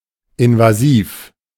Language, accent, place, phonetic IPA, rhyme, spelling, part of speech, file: German, Germany, Berlin, [ɪnvaˈziːf], -iːf, invasiv, adjective, De-invasiv.ogg
- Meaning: invasive